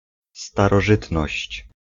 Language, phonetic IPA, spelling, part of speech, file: Polish, [ˌstarɔˈʒɨtnɔɕt͡ɕ], starożytność, noun, Pl-starożytność.ogg